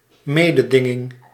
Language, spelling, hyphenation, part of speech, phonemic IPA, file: Dutch, mededinging, me‧de‧din‧ging, noun, /ˈmeː.dəˌdɪ.ŋɪŋ/, Nl-mededinging.ogg
- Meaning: 1. competition 2. competition, contest